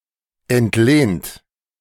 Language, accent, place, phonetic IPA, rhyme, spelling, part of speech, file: German, Germany, Berlin, [ɛntˈleːnt], -eːnt, entlehnt, verb, De-entlehnt.ogg
- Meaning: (verb) past participle of entlehnen; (adjective) borrowed